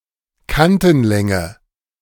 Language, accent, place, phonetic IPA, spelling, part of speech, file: German, Germany, Berlin, [ˈkantn̩ˌlɛŋə], Kantenlänge, noun, De-Kantenlänge.ogg
- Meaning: edge length